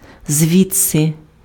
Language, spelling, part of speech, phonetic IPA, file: Ukrainian, звідси, adverb, [ˈzʲʋʲid͡zse], Uk-звідси.ogg
- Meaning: 1. from here, hence 2. since that time, since then